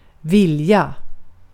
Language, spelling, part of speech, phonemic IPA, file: Swedish, vilja, noun / verb, /²vɪlːja/, Sv-vilja.ogg
- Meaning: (noun) will; a person’s intent, volition, decision; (verb) 1. to want, desire 2. to intend, be going to, will